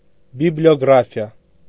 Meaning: bibliography (section of a written work containing citations, not quotations, to all the books referenced in the work)
- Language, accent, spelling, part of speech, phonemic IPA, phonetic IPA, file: Armenian, Eastern Armenian, բիբլիոգրաֆիա, noun, /bibljoɡɾɑfiˈɑ/, [bibljoɡɾɑfjɑ́], Hy-բիբլիոգրաֆիա.ogg